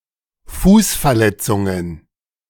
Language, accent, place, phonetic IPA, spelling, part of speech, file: German, Germany, Berlin, [ˈfuːsfɛɐ̯ˌlɛt͡sʊŋən], Fußverletzungen, noun, De-Fußverletzungen.ogg
- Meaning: plural of Fußverletzung